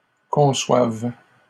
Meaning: third-person plural present indicative/subjunctive of concevoir
- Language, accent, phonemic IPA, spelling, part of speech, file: French, Canada, /kɔ̃.swav/, conçoivent, verb, LL-Q150 (fra)-conçoivent.wav